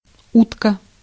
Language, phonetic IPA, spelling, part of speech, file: Russian, [ˈutkə], утка, noun, Ru-утка.ogg
- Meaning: 1. duck (also as a food) 2. canard 3. bed urinal 4. cleat 5. clumsy woman 6. deliberately implausible news or sensations; tabloidism